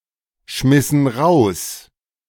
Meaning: inflection of rausschmeißen: 1. first/third-person plural preterite 2. first/third-person plural subjunctive II
- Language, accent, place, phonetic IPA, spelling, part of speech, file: German, Germany, Berlin, [ˌʃmɪsn̩ ˈʁaʊ̯s], schmissen raus, verb, De-schmissen raus.ogg